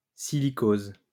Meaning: silicosis
- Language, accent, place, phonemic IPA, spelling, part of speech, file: French, France, Lyon, /si.li.koz/, silicose, noun, LL-Q150 (fra)-silicose.wav